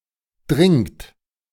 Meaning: inflection of dringen: 1. third-person singular present 2. second-person plural present 3. plural imperative
- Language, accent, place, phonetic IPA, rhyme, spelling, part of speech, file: German, Germany, Berlin, [dʁɪŋt], -ɪŋt, dringt, verb, De-dringt.ogg